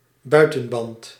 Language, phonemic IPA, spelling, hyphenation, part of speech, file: Dutch, /ˈbœy̯.tə(n)ˌbɑnt/, buitenband, bui‧ten‧band, noun, Nl-buitenband.ogg
- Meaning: outer tyre